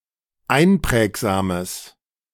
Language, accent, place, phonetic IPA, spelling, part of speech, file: German, Germany, Berlin, [ˈaɪ̯nˌpʁɛːkzaːməs], einprägsames, adjective, De-einprägsames.ogg
- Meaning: strong/mixed nominative/accusative neuter singular of einprägsam